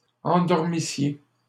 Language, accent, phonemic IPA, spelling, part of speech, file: French, Canada, /ɑ̃.dɔʁ.mi.sje/, endormissiez, verb, LL-Q150 (fra)-endormissiez.wav
- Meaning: second-person singular imperfect subjunctive of endormir